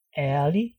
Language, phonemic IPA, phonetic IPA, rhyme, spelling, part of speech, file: Danish, /ɛrli/, [ˈæɐ̯li], -i, ærlig, adjective, Da-ærlig.ogg
- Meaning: 1. honest 2. frank 3. sincere, straight, square